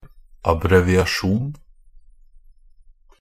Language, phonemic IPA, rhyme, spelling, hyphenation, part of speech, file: Norwegian Bokmål, /abrɛʋɪaˈʃuːn/, -uːn, abbreviasjon, ab‧bre‧vi‧a‧sjon, noun, NB - Pronunciation of Norwegian Bokmål «abbreviasjon».ogg
- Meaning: an abbreviation, shortening (a shortened or contracted form of a word or phrase)